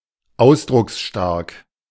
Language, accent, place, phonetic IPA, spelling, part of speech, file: German, Germany, Berlin, [ˈaʊ̯sdʁʊksʃtaʁk], ausdrucksstark, adjective, De-ausdrucksstark.ogg
- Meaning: expressive